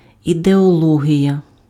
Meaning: ideology
- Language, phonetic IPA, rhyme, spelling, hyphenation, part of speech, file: Ukrainian, [ideɔˈɫɔɦʲijɐ], -ɔɦʲijɐ, ідеологія, іде‧о‧ло‧гія, noun, Uk-ідеологія.ogg